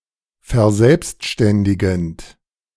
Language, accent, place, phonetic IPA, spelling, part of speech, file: German, Germany, Berlin, [fɛɐ̯ˈzɛlpstʃtɛndɪɡn̩t], verselbstständigend, verb, De-verselbstständigend.ogg
- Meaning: present participle of verselbstständigen